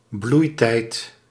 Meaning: 1. blossoming time, budding time; florescence (of flowers and other plants) 2. heyday, prime (someone's youth or most productive years of life)
- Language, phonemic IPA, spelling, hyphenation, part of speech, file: Dutch, /ˈblui̯.tɛi̯t/, bloeitijd, bloei‧tijd, noun, Nl-bloeitijd.ogg